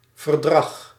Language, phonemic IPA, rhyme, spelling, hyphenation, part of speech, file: Dutch, /vərˈdrɑx/, -ɑx, verdrag, ver‧drag, noun, Nl-verdrag.ogg
- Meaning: treaty